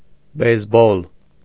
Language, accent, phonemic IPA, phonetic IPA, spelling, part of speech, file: Armenian, Eastern Armenian, /bejsˈbol/, [bejsból], բեյսբոլ, noun, Hy-բեյսբոլ.ogg
- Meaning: baseball